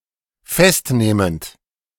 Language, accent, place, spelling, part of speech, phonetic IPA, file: German, Germany, Berlin, festnehmend, verb, [ˈfɛstˌneːmənt], De-festnehmend.ogg
- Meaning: present participle of festnehmen